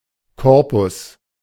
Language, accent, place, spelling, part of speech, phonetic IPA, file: German, Germany, Berlin, Corpus, noun, [ˈkɔʁpʊs], De-Corpus.ogg
- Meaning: alternative spelling of Korpus